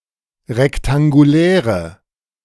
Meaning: inflection of rektangulär: 1. strong/mixed nominative/accusative feminine singular 2. strong nominative/accusative plural 3. weak nominative all-gender singular
- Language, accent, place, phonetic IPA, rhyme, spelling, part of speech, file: German, Germany, Berlin, [ʁɛktaŋɡuˈlɛːʁə], -ɛːʁə, rektanguläre, adjective, De-rektanguläre.ogg